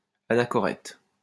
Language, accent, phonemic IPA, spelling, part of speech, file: French, France, /a.na.kɔ.ʁɛt/, anachorète, noun, LL-Q150 (fra)-anachorète.wav
- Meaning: 1. anchorite (religious person) 2. anchorite (one who lives in seclusion)